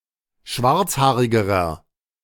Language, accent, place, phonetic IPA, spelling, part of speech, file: German, Germany, Berlin, [ˈʃvaʁt͡sˌhaːʁɪɡəʁɐ], schwarzhaarigerer, adjective, De-schwarzhaarigerer.ogg
- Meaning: inflection of schwarzhaarig: 1. strong/mixed nominative masculine singular comparative degree 2. strong genitive/dative feminine singular comparative degree